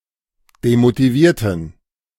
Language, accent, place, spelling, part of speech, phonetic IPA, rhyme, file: German, Germany, Berlin, demotivierten, adjective / verb, [demotiˈviːɐ̯tn̩], -iːɐ̯tn̩, De-demotivierten.ogg
- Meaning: inflection of demotiviert: 1. strong genitive masculine/neuter singular 2. weak/mixed genitive/dative all-gender singular 3. strong/weak/mixed accusative masculine singular 4. strong dative plural